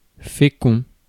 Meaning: 1. fertile (able to procreate) 2. fecund 3. fruit-bearing 4. fruitful 5. productive 6. abundant (in), rich (in)
- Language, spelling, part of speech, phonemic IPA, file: French, fécond, adjective, /fe.kɔ̃/, Fr-fécond.ogg